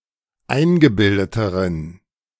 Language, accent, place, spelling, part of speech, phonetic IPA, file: German, Germany, Berlin, eingebildeteren, adjective, [ˈaɪ̯nɡəˌbɪldətəʁən], De-eingebildeteren.ogg
- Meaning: inflection of eingebildet: 1. strong genitive masculine/neuter singular comparative degree 2. weak/mixed genitive/dative all-gender singular comparative degree